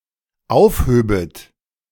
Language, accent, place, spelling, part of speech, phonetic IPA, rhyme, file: German, Germany, Berlin, aufhöbet, verb, [ˈaʊ̯fˌhøːbət], -aʊ̯fhøːbət, De-aufhöbet.ogg
- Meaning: second-person plural dependent subjunctive II of aufheben